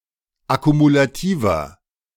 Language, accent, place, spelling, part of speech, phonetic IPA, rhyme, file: German, Germany, Berlin, akkumulativer, adjective, [akumulaˈtiːvɐ], -iːvɐ, De-akkumulativer.ogg
- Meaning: inflection of akkumulativ: 1. strong/mixed nominative masculine singular 2. strong genitive/dative feminine singular 3. strong genitive plural